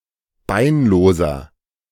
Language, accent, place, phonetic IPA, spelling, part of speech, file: German, Germany, Berlin, [ˈbaɪ̯nˌloːzɐ], beinloser, adjective, De-beinloser.ogg
- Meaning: inflection of beinlos: 1. strong/mixed nominative masculine singular 2. strong genitive/dative feminine singular 3. strong genitive plural